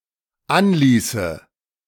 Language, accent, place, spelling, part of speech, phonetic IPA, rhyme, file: German, Germany, Berlin, anließe, verb, [ˈanˌliːsə], -anliːsə, De-anließe.ogg
- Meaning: first/third-person singular dependent subjunctive II of anlassen